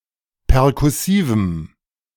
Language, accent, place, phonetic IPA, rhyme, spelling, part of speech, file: German, Germany, Berlin, [pɛʁkʊˈsiːvm̩], -iːvm̩, perkussivem, adjective, De-perkussivem.ogg
- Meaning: strong dative masculine/neuter singular of perkussiv